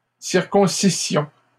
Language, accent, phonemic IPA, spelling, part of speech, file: French, Canada, /siʁ.kɔ̃.si.sjɔ̃/, circoncissions, verb, LL-Q150 (fra)-circoncissions.wav
- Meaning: first-person plural imperfect subjunctive of circoncire